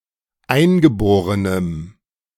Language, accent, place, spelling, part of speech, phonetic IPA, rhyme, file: German, Germany, Berlin, eingeborenem, adjective, [ˈaɪ̯nɡəˌboːʁənəm], -aɪ̯nɡəboːʁənəm, De-eingeborenem.ogg
- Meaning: strong dative masculine/neuter singular of eingeboren